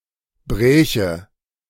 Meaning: first/third-person singular subjunctive II of brechen
- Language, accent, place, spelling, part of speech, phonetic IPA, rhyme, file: German, Germany, Berlin, bräche, verb, [ˈbʁɛːçə], -ɛːçə, De-bräche.ogg